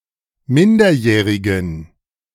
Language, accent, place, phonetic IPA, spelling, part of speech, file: German, Germany, Berlin, [ˈmɪndɐˌjɛːʁɪɡn̩], minderjährigen, adjective, De-minderjährigen.ogg
- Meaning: inflection of minderjährig: 1. strong genitive masculine/neuter singular 2. weak/mixed genitive/dative all-gender singular 3. strong/weak/mixed accusative masculine singular 4. strong dative plural